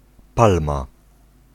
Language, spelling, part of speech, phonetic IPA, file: Polish, palma, noun, [ˈpalma], Pl-palma.ogg